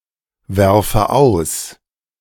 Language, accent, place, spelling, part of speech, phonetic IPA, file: German, Germany, Berlin, werfe aus, verb, [ˌvɛʁfə ˈaʊ̯s], De-werfe aus.ogg
- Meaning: inflection of auswerfen: 1. first-person singular present 2. first/third-person singular subjunctive I